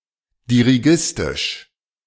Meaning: dirigiste
- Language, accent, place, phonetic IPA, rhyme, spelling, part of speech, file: German, Germany, Berlin, [diʁiˈɡɪstɪʃ], -ɪstɪʃ, dirigistisch, adjective, De-dirigistisch.ogg